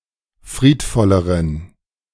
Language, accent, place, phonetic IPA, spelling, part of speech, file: German, Germany, Berlin, [ˈfʁiːtˌfɔləʁən], friedvolleren, adjective, De-friedvolleren.ogg
- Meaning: inflection of friedvoll: 1. strong genitive masculine/neuter singular comparative degree 2. weak/mixed genitive/dative all-gender singular comparative degree